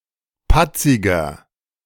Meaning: inflection of patzig: 1. strong/mixed nominative masculine singular 2. strong genitive/dative feminine singular 3. strong genitive plural
- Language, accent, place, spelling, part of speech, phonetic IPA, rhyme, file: German, Germany, Berlin, patziger, adjective, [ˈpat͡sɪɡɐ], -at͡sɪɡɐ, De-patziger.ogg